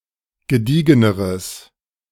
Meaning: strong/mixed nominative/accusative neuter singular comparative degree of gediegen
- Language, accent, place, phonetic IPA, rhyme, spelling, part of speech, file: German, Germany, Berlin, [ɡəˈdiːɡənəʁəs], -iːɡənəʁəs, gediegeneres, adjective, De-gediegeneres.ogg